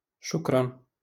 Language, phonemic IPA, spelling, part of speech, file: Moroccan Arabic, /ʃuk.ran/, شكرا, interjection, LL-Q56426 (ary)-شكرا.wav
- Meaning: thanks, thank you